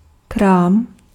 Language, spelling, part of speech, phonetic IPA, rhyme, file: Czech, krám, noun, [ˈkraːm], -aːm, Cs-krám.ogg
- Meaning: 1. store 2. junk 3. dative plural of kra